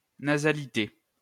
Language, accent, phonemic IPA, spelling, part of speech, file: French, France, /na.za.li.te/, nasalité, noun, LL-Q150 (fra)-nasalité.wav
- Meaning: nasality; nasalness